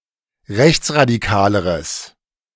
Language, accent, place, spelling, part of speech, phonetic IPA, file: German, Germany, Berlin, rechtsradikaleres, adjective, [ˈʁɛçt͡sʁadiˌkaːləʁəs], De-rechtsradikaleres.ogg
- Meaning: strong/mixed nominative/accusative neuter singular comparative degree of rechtsradikal